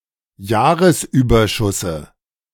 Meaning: dative singular of Jahresüberschuss
- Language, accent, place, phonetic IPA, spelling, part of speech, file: German, Germany, Berlin, [ˈjaːʁəsˌʔyːbɐʃʊsə], Jahresüberschusse, noun, De-Jahresüberschusse.ogg